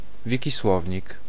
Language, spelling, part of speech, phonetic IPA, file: Polish, Wikisłownik, proper noun, [ˌvʲiciˈswɔvʲɲik], Pl-Wikisłownik.ogg